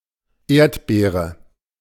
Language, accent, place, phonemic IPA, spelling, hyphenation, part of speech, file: German, Germany, Berlin, /ˈeːɐ̯t.beːʁə/, Erdbeere, Erd‧bee‧re, noun, De-Erdbeere.ogg
- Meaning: strawberry